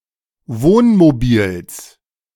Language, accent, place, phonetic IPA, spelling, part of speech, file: German, Germany, Berlin, [ˈvoːnmoˌbiːls], Wohnmobils, noun, De-Wohnmobils.ogg
- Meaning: genitive singular of Wohnmobil